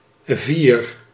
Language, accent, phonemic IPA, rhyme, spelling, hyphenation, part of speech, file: Dutch, Netherlands, /vir/, -ir, vier, vier, numeral / noun / verb, Nl-vier.ogg
- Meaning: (numeral) four; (noun) 1. a sign for or representation of four 2. the value four, e.g. as a score; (verb) inflection of vieren: first-person singular present indicative